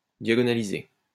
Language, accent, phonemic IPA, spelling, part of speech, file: French, France, /dja.ɡɔ.na.li.ze/, diagonaliser, verb, LL-Q150 (fra)-diagonaliser.wav
- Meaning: to diagonalize